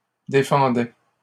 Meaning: first/second-person singular imperfect indicative of défendre
- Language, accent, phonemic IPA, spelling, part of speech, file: French, Canada, /de.fɑ̃.dɛ/, défendais, verb, LL-Q150 (fra)-défendais.wav